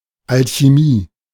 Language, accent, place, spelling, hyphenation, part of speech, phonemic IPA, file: German, Germany, Berlin, Alchimie, Al‧chi‧mie, noun, /alçiˈmiː/, De-Alchimie.ogg
- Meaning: alternative form of Alchemie (“alchemy”)